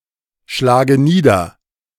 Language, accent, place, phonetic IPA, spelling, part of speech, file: German, Germany, Berlin, [ˌʃlaːɡə ˈniːdɐ], schlage nieder, verb, De-schlage nieder.ogg
- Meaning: inflection of niederschlagen: 1. first-person singular present 2. first/third-person singular subjunctive I 3. singular imperative